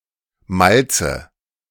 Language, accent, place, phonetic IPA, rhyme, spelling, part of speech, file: German, Germany, Berlin, [ˈmalt͡sə], -alt͡sə, Malze, noun, De-Malze.ogg
- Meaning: 1. dative singular of Malz 2. nominative/accusative/genitive plural of Malz